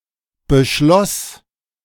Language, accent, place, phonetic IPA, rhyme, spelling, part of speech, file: German, Germany, Berlin, [bəˈʃlɔs], -ɔs, beschloss, verb, De-beschloss.ogg
- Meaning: first/third-person singular preterite of beschließen